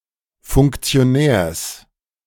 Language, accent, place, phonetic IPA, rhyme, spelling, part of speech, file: German, Germany, Berlin, [fʊŋkt͡si̯oˈnɛːɐ̯s], -ɛːɐ̯s, Funktionärs, noun, De-Funktionärs.ogg
- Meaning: genitive singular of Funktionär